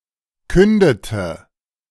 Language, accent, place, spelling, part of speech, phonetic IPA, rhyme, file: German, Germany, Berlin, kündete, verb, [ˈkʏndətə], -ʏndətə, De-kündete.ogg
- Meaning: inflection of künden: 1. first/third-person singular preterite 2. first/third-person singular subjunctive II